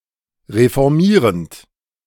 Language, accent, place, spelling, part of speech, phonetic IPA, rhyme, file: German, Germany, Berlin, reformierend, verb, [ʁefɔʁˈmiːʁənt], -iːʁənt, De-reformierend.ogg
- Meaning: present participle of reformieren